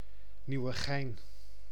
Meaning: a town and municipality of Utrecht, Netherlands
- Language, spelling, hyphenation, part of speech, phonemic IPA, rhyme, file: Dutch, Nieuwegein, Nieu‧we‧gein, proper noun, /ˌniu̯.əˈɣɛi̯n/, -ɛi̯n, Nl-Nieuwegein.ogg